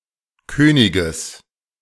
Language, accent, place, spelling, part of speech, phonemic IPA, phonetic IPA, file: German, Germany, Berlin, Königes, noun, /ˈkøː.nɪ.ɡəs/, [ˈkʰøː.nɪ.ɡəs], De-Königes.ogg
- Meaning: genitive singular of König